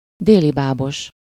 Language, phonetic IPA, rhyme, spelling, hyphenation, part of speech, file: Hungarian, [ˈdeːlibaːboʃ], -oʃ, délibábos, dé‧li‧bá‧bos, adjective, Hu-délibábos.ogg
- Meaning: mirage-haunted (having an optical phenomenon in which light is refracted through a layer of hot air close to the ground, giving an invert appearance of objects in the distance)